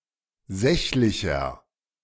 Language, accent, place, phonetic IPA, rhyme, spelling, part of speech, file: German, Germany, Berlin, [ˈzɛçlɪçɐ], -ɛçlɪçɐ, sächlicher, adjective, De-sächlicher.ogg
- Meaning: inflection of sächlich: 1. strong/mixed nominative masculine singular 2. strong genitive/dative feminine singular 3. strong genitive plural